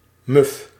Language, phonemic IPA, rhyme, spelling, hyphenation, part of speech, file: Dutch, /mʏf/, -ʏf, muf, muf, adjective, Nl-muf.ogg
- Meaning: stale, musty (having lost its freshness)